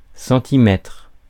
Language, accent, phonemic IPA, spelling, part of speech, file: French, France, /sɑ̃.ti.mɛtʁ/, centimètre, noun, Fr-centimètre.ogg
- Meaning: centimetre